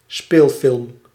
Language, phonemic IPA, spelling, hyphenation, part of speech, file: Dutch, /ˈspeːl.fɪlm/, speelfilm, speel‧film, noun, Nl-speelfilm.ogg
- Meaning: a live-action film (as opposed to a tekenfilm, an animated movie)